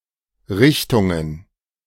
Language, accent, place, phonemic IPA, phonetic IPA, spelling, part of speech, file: German, Germany, Berlin, /ˈʁɪçtʊŋ/, [ˈʁɪçtʰʊŋ], Richtungen, noun, De-Richtungen.ogg
- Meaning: plural of Richtung